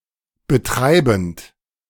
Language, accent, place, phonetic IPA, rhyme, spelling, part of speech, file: German, Germany, Berlin, [bəˈtʁaɪ̯bn̩t], -aɪ̯bn̩t, betreibend, verb, De-betreibend.ogg
- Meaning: present participle of betreiben